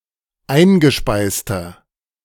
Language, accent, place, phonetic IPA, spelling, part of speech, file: German, Germany, Berlin, [ˈaɪ̯nɡəˌʃpaɪ̯stɐ], eingespeister, adjective, De-eingespeister.ogg
- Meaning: inflection of eingespeist: 1. strong/mixed nominative masculine singular 2. strong genitive/dative feminine singular 3. strong genitive plural